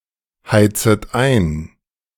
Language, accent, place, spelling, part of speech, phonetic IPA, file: German, Germany, Berlin, heizet ein, verb, [ˌhaɪ̯t͡sət ˈaɪ̯n], De-heizet ein.ogg
- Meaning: second-person plural subjunctive I of einheizen